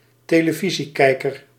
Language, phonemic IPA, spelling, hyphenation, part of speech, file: Dutch, /teː.ləˈvi.ziˌkɛi̯.kər/, televisiekijker, te‧le‧vi‧sie‧kij‧ker, noun, Nl-televisiekijker.ogg
- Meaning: a television viewer, one who watches television